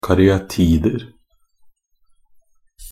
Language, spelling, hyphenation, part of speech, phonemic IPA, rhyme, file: Norwegian Bokmål, karyatider, ka‧ry‧a‧ti‧der, noun, /karʏaˈtiːdər/, -ər, Nb-karyatider.ogg
- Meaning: indefinite plural of karyatide